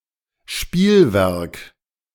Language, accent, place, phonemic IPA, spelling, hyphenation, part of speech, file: German, Germany, Berlin, /ˈʃpiːlˌvɛʁk/, Spielwerk, Spiel‧werk, noun, De-Spielwerk.ogg
- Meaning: toy